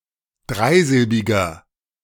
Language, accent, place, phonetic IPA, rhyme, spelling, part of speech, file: German, Germany, Berlin, [ˈdʁaɪ̯ˌzɪlbɪɡɐ], -aɪ̯zɪlbɪɡɐ, dreisilbiger, adjective, De-dreisilbiger.ogg
- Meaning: inflection of dreisilbig: 1. strong/mixed nominative masculine singular 2. strong genitive/dative feminine singular 3. strong genitive plural